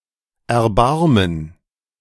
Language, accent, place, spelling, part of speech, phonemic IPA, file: German, Germany, Berlin, Erbarmen, noun, /ʔɛɐ̯ˈbarmən/, De-Erbarmen.ogg
- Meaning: gerund of erbarmen; commiseration, compassion